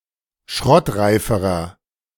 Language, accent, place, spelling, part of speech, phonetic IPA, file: German, Germany, Berlin, schrottreiferer, adjective, [ˈʃʁɔtˌʁaɪ̯fəʁɐ], De-schrottreiferer.ogg
- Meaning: inflection of schrottreif: 1. strong/mixed nominative masculine singular comparative degree 2. strong genitive/dative feminine singular comparative degree 3. strong genitive plural comparative degree